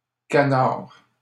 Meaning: plural of canard
- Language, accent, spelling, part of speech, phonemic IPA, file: French, Canada, canards, noun, /ka.naʁ/, LL-Q150 (fra)-canards.wav